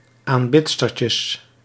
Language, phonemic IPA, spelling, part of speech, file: Dutch, /amˈbɪbɪtstər/, aanbidstertjes, noun, Nl-aanbidstertjes.ogg
- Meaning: plural of aanbidstertje